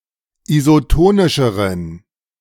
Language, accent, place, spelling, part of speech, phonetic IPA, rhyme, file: German, Germany, Berlin, isotonischeren, adjective, [izoˈtoːnɪʃəʁən], -oːnɪʃəʁən, De-isotonischeren.ogg
- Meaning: inflection of isotonisch: 1. strong genitive masculine/neuter singular comparative degree 2. weak/mixed genitive/dative all-gender singular comparative degree